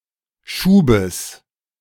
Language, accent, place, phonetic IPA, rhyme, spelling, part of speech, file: German, Germany, Berlin, [ˈʃuːbəs], -uːbəs, Schubes, noun, De-Schubes.ogg
- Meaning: genitive singular of Schub